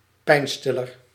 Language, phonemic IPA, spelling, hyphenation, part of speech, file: Dutch, /ˈpɛi̯nˌstɪ.lər/, pijnstiller, pijn‧stil‧ler, noun, Nl-pijnstiller.ogg
- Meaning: painkiller